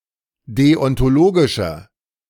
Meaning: inflection of deontologisch: 1. strong/mixed nominative masculine singular 2. strong genitive/dative feminine singular 3. strong genitive plural
- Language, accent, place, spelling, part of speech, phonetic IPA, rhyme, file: German, Germany, Berlin, deontologischer, adjective, [ˌdeɔntoˈloːɡɪʃɐ], -oːɡɪʃɐ, De-deontologischer.ogg